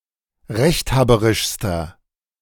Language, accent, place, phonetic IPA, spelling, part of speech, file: German, Germany, Berlin, [ˈʁɛçtˌhaːbəʁɪʃstɐ], rechthaberischster, adjective, De-rechthaberischster.ogg
- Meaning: inflection of rechthaberisch: 1. strong/mixed nominative masculine singular superlative degree 2. strong genitive/dative feminine singular superlative degree